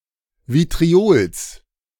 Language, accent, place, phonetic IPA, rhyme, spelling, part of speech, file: German, Germany, Berlin, [vitʁiˈoːls], -oːls, Vitriols, noun, De-Vitriols.ogg
- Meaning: genitive singular of Vitriol